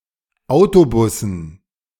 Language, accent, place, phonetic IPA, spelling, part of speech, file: German, Germany, Berlin, [ˈaʊ̯toˌbʊsn̩], Autobussen, noun, De-Autobussen.ogg
- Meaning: dative plural of Autobus